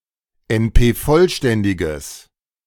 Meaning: strong/mixed nominative/accusative neuter singular of NP-vollständig
- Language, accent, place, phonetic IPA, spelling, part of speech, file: German, Germany, Berlin, [ɛnˈpeːˌfɔlʃtɛndɪɡəs], NP-vollständiges, adjective, De-NP-vollständiges.ogg